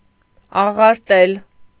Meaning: 1. to spoil, to ruin 2. to distort, to twist; to misrepresent 3. to denigrate, to disparage 4. to despise, to disdain
- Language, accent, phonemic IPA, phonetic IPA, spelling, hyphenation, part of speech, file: Armenian, Eastern Armenian, /ɑʁɑɾˈtel/, [ɑʁɑɾtél], աղարտել, ա‧ղար‧տել, verb, Hy-աղարտել.ogg